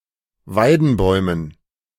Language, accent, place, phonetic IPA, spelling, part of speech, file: German, Germany, Berlin, [ˈvaɪ̯dn̩ˌbɔɪ̯mən], Weidenbäumen, noun, De-Weidenbäumen.ogg
- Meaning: dative plural of Weidenbaum